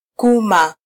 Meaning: 1. vulva 2. vagina, cunt, pussy
- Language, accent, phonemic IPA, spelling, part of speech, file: Swahili, Kenya, /ˈku.mɑ/, kuma, noun, Sw-ke-kuma.flac